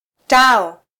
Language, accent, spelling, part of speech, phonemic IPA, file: Swahili, Kenya, tao, noun, /ˈtɑ.ɔ/, Sw-ke-tao.flac
- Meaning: arch